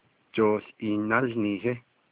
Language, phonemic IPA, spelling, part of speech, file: Navajo, /t͡ʃòːɬ ʔìːh nɑ́lnìːhɪ́/, jooł iih nálniihí, noun, Nv-jooł iih nálniihí.ogg
- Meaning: 1. basketball (game) 2. basketball (the ball) 3. basketball hoop